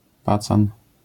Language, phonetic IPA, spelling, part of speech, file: Polish, [pat͡san], pacan, noun, LL-Q809 (pol)-pacan.wav